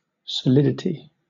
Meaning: 1. The state or quality of being solid 2. Moral firmness; validity; truth; certainty 3. The solid contents of a body; volume; amount of enclosed space
- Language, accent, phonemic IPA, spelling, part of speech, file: English, Southern England, /səˈlɪdɪti/, solidity, noun, LL-Q1860 (eng)-solidity.wav